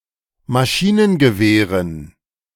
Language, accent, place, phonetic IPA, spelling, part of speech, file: German, Germany, Berlin, [maˈʃiːnənɡəˌveːʁən], Maschinengewehren, noun, De-Maschinengewehren.ogg
- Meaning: dative plural of Maschinengewehr